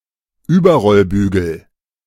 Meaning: roll bar
- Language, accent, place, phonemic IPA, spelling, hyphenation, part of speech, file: German, Germany, Berlin, /ˈyːbɐʁɔlˌbyːɡəl/, Überrollbügel, Über‧roll‧bü‧gel, noun, De-Überrollbügel.ogg